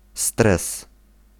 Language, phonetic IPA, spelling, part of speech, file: Polish, [strɛs], stres, noun, Pl-stres.ogg